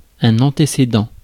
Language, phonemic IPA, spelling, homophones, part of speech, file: French, /ɑ̃.te.se.dɑ̃/, antécédent, antécédents, adjective / noun, Fr-antécédent.ogg
- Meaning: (adjective) antecedent, preceding; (noun) 1. antecedent (any thing that precedes another thing) 2. antecedent